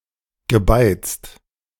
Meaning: past participle of beizen
- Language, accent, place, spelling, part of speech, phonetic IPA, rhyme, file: German, Germany, Berlin, gebeizt, verb, [ɡəˈbaɪ̯t͡st], -aɪ̯t͡st, De-gebeizt.ogg